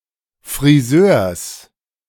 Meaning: genitive singular of Friseur
- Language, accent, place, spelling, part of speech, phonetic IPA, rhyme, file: German, Germany, Berlin, Friseurs, noun, [fʁiˈzøːɐ̯s], -øːɐ̯s, De-Friseurs.ogg